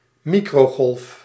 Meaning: 1. microwave (electromagnetic wave in the band between infrared and radio waves) 2. microwave oven, a fast heating device with mainly culinary use
- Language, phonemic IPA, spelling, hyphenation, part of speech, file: Dutch, /ˈmi.kroːˌɣɔlf/, microgolf, mi‧cro‧golf, noun, Nl-microgolf.ogg